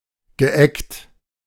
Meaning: past participle of eggen
- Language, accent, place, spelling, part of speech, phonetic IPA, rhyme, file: German, Germany, Berlin, geeggt, verb, [ɡəˈʔɛkt], -ɛkt, De-geeggt.ogg